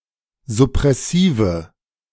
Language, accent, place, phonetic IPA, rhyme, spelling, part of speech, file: German, Germany, Berlin, [zʊpʁɛˈsiːvə], -iːvə, suppressive, adjective, De-suppressive.ogg
- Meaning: inflection of suppressiv: 1. strong/mixed nominative/accusative feminine singular 2. strong nominative/accusative plural 3. weak nominative all-gender singular